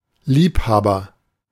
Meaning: 1. aficionado, enthusiast, lover 2. lover (particularly of a married person: an affair) 3. lovemaker; a person with regard to their qualities as a sexual partner
- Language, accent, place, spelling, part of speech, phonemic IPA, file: German, Germany, Berlin, Liebhaber, noun, /ˈliːpˌhaːbɐ/, De-Liebhaber.ogg